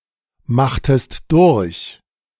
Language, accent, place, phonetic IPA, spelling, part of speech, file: German, Germany, Berlin, [ˌmaxtəst ˈdʊʁç], machtest durch, verb, De-machtest durch.ogg
- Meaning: inflection of durchmachen: 1. second-person singular preterite 2. second-person singular subjunctive II